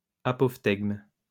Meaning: apothegm
- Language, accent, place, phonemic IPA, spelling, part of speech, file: French, France, Lyon, /a.pɔf.tɛɡm/, apophtegme, noun, LL-Q150 (fra)-apophtegme.wav